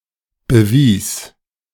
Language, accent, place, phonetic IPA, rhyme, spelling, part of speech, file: German, Germany, Berlin, [bəˈviːs], -iːs, bewies, verb, De-bewies.ogg
- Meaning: first/third-person singular preterite of beweisen